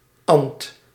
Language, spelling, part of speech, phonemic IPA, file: Dutch, -ant, suffix, /ɑnt/, Nl--ant.ogg
- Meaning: appended to the stem of a verb, it yields a noun which signifies the subject who performs the action of that verb (see agent noun)